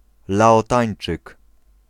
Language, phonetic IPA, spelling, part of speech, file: Polish, [ˌlaɔˈtãj̃n͇t͡ʃɨk], Laotańczyk, noun, Pl-Laotańczyk.ogg